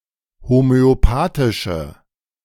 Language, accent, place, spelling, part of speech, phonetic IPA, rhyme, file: German, Germany, Berlin, homöopathische, adjective, [homøoˈpaːtɪʃə], -aːtɪʃə, De-homöopathische.ogg
- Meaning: inflection of homöopathisch: 1. strong/mixed nominative/accusative feminine singular 2. strong nominative/accusative plural 3. weak nominative all-gender singular